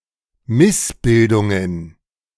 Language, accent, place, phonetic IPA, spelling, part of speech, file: German, Germany, Berlin, [ˈmɪsˌbɪldʊŋən], Missbildungen, noun, De-Missbildungen.ogg
- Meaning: plural of Missbildung